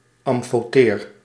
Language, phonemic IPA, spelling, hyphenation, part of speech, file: Dutch, /ˌɑm.foːˈteːr/, amfoteer, am‧fo‧teer, adjective, Nl-amfoteer.ogg
- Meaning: amphoteric